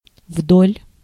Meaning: along
- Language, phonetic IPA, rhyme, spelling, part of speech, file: Russian, [vdolʲ], -olʲ, вдоль, preposition, Ru-вдоль.ogg